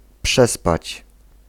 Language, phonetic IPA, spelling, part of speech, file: Polish, [ˈpʃɛspat͡ɕ], przespać, verb, Pl-przespać.ogg